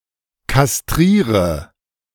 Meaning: inflection of kastrieren: 1. first-person singular present 2. singular imperative 3. first/third-person singular subjunctive I
- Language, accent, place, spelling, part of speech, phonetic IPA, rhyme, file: German, Germany, Berlin, kastriere, verb, [kasˈtʁiːʁə], -iːʁə, De-kastriere.ogg